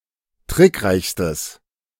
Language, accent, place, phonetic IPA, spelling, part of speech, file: German, Germany, Berlin, [ˈtʁɪkˌʁaɪ̯çstəs], trickreichstes, adjective, De-trickreichstes.ogg
- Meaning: strong/mixed nominative/accusative neuter singular superlative degree of trickreich